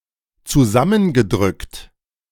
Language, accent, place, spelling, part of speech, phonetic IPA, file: German, Germany, Berlin, zusammengedrückt, verb, [t͡suˈzamənɡəˌdʁʏkt], De-zusammengedrückt.ogg
- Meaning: past participle of zusammendrücken